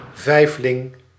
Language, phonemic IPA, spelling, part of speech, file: Dutch, /ˈvɛiflɪŋ/, vijfling, noun, Nl-vijfling.ogg
- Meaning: quintuplet; one of a group of five babies born from the same mother during the same birth